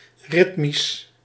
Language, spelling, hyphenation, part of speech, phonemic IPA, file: Dutch, ritmisch, rit‧misch, adjective, /ˈrɪtmis/, Nl-ritmisch.ogg
- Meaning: rhythmic